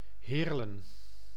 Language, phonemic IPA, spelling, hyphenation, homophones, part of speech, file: Dutch, /ˈɦeːr.lə(n)/, Heerlen, Heer‧len, Heerle, proper noun, Nl-Heerlen.ogg
- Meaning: a city and municipality of Limburg, Netherlands